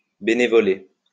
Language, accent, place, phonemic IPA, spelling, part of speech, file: French, France, Lyon, /be.ne.vɔ.le/, bénévoler, verb, LL-Q150 (fra)-bénévoler.wav
- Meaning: 1. to volunteer 2. to be benevolent